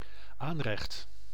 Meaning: worktop, countertop, counter (surface in the kitchen to prepare food on)
- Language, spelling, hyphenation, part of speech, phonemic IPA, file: Dutch, aanrecht, aan‧recht, noun, /ˈaːn.rɛxt/, Nl-aanrecht.ogg